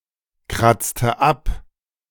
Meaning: inflection of abkratzen: 1. first/third-person singular preterite 2. first/third-person singular subjunctive II
- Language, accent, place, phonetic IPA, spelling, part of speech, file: German, Germany, Berlin, [ˌkʁat͡stə ˈap], kratzte ab, verb, De-kratzte ab.ogg